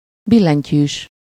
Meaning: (adjective) keyboard (having a keyboard); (noun) keyboardist (musician who plays the keyboard)
- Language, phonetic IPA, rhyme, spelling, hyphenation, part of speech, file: Hungarian, [ˈbilːɛɲcyːʃ], -yːʃ, billentyűs, bil‧len‧tyűs, adjective / noun, Hu-billentyűs.ogg